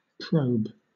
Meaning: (noun) Any of various medical instruments used to explore wounds, organs, etc
- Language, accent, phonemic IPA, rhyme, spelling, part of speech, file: English, Southern England, /pɹəʊb/, -əʊb, probe, noun / verb, LL-Q1860 (eng)-probe.wav